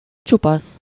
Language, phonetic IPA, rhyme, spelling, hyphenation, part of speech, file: Hungarian, [ˈt͡ʃupɒs], -ɒs, csupasz, csu‧pasz, adjective, Hu-csupasz.ogg
- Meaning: 1. bare, hairless 2. uncovered, unprotected (e.g. hands, feet) 3. naked, nude, unclothed